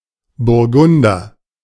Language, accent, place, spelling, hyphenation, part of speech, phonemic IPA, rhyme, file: German, Germany, Berlin, Burgunder, Bur‧gun‧der, noun, /bʊʁˈɡʊndɐ/, -ʊndɐ, De-Burgunder.ogg
- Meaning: 1. Burgundian (member of the Burgundian tribe/group of tribes) 2. Burgundy, pinot (any of several wines made from the pinot grape)